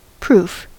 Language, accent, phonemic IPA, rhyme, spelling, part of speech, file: English, US, /pɹuf/, -uːf, proof, noun / adjective / verb, En-us-proof.ogg
- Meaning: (noun) An effort, process, or operation designed to establish or discover a fact or truth; an act of testing; a test; a trial